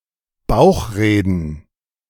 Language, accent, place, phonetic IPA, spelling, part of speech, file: German, Germany, Berlin, [ˈbaʊ̯xˌʁeːdn̩], bauchreden, verb, De-bauchreden.ogg
- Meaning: to ventriloquize